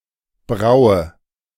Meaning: inflection of brauen: 1. first-person singular present 2. first/third-person singular subjunctive I 3. singular imperative
- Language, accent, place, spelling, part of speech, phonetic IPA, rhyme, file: German, Germany, Berlin, braue, verb, [ˈbʁaʊ̯ə], -aʊ̯ə, De-braue.ogg